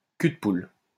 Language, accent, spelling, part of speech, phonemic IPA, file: French, France, cul-de-poule, noun, /ky.d(ə).pul/, LL-Q150 (fra)-cul-de-poule.wav
- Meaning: mixing bowl